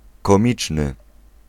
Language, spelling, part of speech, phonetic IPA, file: Polish, komiczny, adjective, [kɔ̃ˈmʲit͡ʃnɨ], Pl-komiczny.ogg